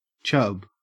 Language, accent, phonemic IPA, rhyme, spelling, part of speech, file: English, Australia, /t͡ʃʌb/, -ʌb, chub, noun / verb, En-au-chub.ogg
- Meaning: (noun) One of various species of freshwater fish of the Cyprinidae or carp family, especially: A European chub (Squalius cephalus, syn. Leuciscus cephalus)